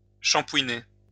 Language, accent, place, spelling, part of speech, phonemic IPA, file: French, France, Lyon, shampouiner, verb, /ʃɑ̃.pwi.ne/, LL-Q150 (fra)-shampouiner.wav
- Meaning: to shampoo (to wash with shampoo)